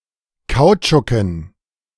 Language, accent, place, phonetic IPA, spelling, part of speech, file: German, Germany, Berlin, [ˈkaʊ̯t͡ʃʊkn̩], Kautschuken, noun, De-Kautschuken.ogg
- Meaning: dative plural of Kautschuk